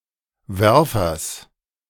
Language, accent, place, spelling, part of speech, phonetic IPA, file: German, Germany, Berlin, Werfers, noun, [ˈvɛʁfɐs], De-Werfers.ogg
- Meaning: genitive singular of Werfer